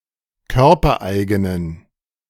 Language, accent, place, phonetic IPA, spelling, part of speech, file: German, Germany, Berlin, [ˈkœʁpɐˌʔaɪ̯ɡənən], körpereigenen, adjective, De-körpereigenen.ogg
- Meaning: inflection of körpereigen: 1. strong genitive masculine/neuter singular 2. weak/mixed genitive/dative all-gender singular 3. strong/weak/mixed accusative masculine singular 4. strong dative plural